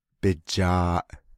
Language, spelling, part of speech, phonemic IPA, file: Navajo, bijaaʼ, noun, /pɪ̀t͡ʃɑ̀ːʔ/, Nv-bijaaʼ.ogg
- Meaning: his/her/its/their ear